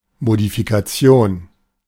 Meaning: modification
- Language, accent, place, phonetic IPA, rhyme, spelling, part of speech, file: German, Germany, Berlin, [modifikaˈt͡si̯oːn], -oːn, Modifikation, noun, De-Modifikation.ogg